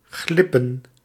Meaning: 1. to slip, to slide 2. to sneak
- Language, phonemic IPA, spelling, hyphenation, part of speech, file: Dutch, /ˈɣlɪpə(n)/, glippen, glip‧pen, verb, Nl-glippen.ogg